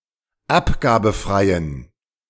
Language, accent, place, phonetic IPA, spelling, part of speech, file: German, Germany, Berlin, [ˈapɡaːbn̩fʁaɪ̯ən], abgabenfreien, adjective, De-abgabenfreien.ogg
- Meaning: inflection of abgabenfrei: 1. strong genitive masculine/neuter singular 2. weak/mixed genitive/dative all-gender singular 3. strong/weak/mixed accusative masculine singular 4. strong dative plural